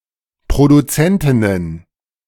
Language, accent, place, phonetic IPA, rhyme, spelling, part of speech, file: German, Germany, Berlin, [pʁoduˈt͡sɛntɪnən], -ɛntɪnən, Produzentinnen, noun, De-Produzentinnen.ogg
- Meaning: plural of Produzentin